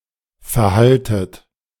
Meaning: inflection of verhalten: 1. second-person plural present/preterite 2. plural imperative
- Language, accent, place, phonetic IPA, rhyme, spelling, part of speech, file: German, Germany, Berlin, [fɛɐ̯ˈhaltət], -altət, verhaltet, verb, De-verhaltet.ogg